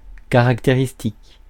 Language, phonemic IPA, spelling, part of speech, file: French, /ka.ʁak.te.ʁis.tik/, caractéristique, noun / adjective, Fr-caractéristique.ogg
- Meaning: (noun) characteristic, trait; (adjective) characteristic